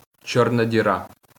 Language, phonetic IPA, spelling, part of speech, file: Ukrainian, [ˈt͡ʃɔrnɐ dʲiˈra], чорна діра, noun, LL-Q8798 (ukr)-чорна діра.wav
- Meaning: black hole